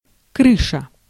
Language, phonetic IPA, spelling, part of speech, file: Russian, [ˈkrɨʂə], крыша, noun, Ru-крыша.ogg
- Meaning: 1. roof 2. house, dwelling place 3. head, mind 4. someone who provides protection or cover; the protection that is provided